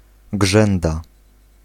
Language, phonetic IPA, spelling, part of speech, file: Polish, [ˈɡʒɛ̃nda], grzęda, noun, Pl-grzęda.ogg